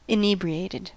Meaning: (adjective) Behaving as though affected by alcohol including exhilaration, and a dumbed or stupefied manner; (verb) simple past and past participle of inebriate
- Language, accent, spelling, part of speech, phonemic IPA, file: English, US, inebriated, adjective / verb, /ɪˈniː.bɹi.eɪ.tɪd/, En-us-inebriated.ogg